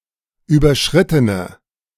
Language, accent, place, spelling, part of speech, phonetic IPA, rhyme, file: German, Germany, Berlin, überschrittene, adjective, [ˌyːbɐˈʃʁɪtənə], -ɪtənə, De-überschrittene.ogg
- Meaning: inflection of überschritten: 1. strong/mixed nominative/accusative feminine singular 2. strong nominative/accusative plural 3. weak nominative all-gender singular